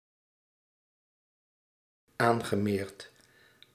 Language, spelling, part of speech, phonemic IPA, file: Dutch, aangemeerd, verb, /ˈaŋɣəˌmert/, Nl-aangemeerd.ogg
- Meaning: past participle of aanmeren